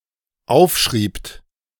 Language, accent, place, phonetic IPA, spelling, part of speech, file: German, Germany, Berlin, [ˈaʊ̯fˌʃʁiːpt], aufschriebt, verb, De-aufschriebt.ogg
- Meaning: second-person plural dependent preterite of aufschreiben